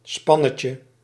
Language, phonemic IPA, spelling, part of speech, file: Dutch, /ˈspɑnəcə/, spannetje, noun, Nl-spannetje.ogg
- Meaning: diminutive of span